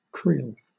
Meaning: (noun) 1. A woven basket, especially a wicker basket 2. A woven basket, especially a wicker basket.: An osier basket that anglers use to hold fish
- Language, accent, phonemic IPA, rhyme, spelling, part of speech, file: English, Southern England, /kɹiːl/, -iːl, creel, noun / verb, LL-Q1860 (eng)-creel.wav